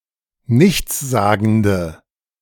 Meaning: inflection of nichtssagend: 1. strong/mixed nominative/accusative feminine singular 2. strong nominative/accusative plural 3. weak nominative all-gender singular
- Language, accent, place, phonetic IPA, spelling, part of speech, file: German, Germany, Berlin, [ˈnɪçt͡sˌzaːɡn̩də], nichtssagende, adjective, De-nichtssagende.ogg